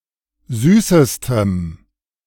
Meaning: strong dative masculine/neuter singular superlative degree of süß
- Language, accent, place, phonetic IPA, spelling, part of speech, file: German, Germany, Berlin, [ˈzyːsəstəm], süßestem, adjective, De-süßestem.ogg